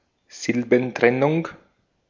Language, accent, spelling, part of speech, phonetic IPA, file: German, Austria, Silbentrennung, noun, [ˈzɪlbn̩ˌtʁɛnʊŋ], De-at-Silbentrennung.ogg
- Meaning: syllabification